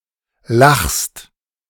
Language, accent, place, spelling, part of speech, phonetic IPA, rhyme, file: German, Germany, Berlin, lachst, verb, [laxst], -axst, De-lachst.ogg
- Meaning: second-person singular present of lachen